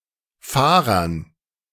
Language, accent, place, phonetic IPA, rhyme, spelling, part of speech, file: German, Germany, Berlin, [ˈfaːʁɐn], -aːʁɐn, Fahrern, noun, De-Fahrern.ogg
- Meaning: dative plural of Fahrer